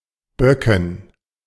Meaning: dative plural of Bock
- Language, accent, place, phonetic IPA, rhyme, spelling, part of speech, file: German, Germany, Berlin, [ˈbœkn̩], -œkn̩, Böcken, noun, De-Böcken.ogg